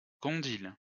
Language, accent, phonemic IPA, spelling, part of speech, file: French, France, /kɔ̃.dil/, condyle, noun, LL-Q150 (fra)-condyle.wav
- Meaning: condyle